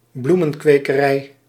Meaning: flower farm
- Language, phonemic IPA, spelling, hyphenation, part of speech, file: Dutch, /ˈblu.mə(n).kʋeː.kəˌrɛi̯/, bloemenkwekerij, bloe‧men‧kwe‧ke‧rij, noun, Nl-bloemenkwekerij.ogg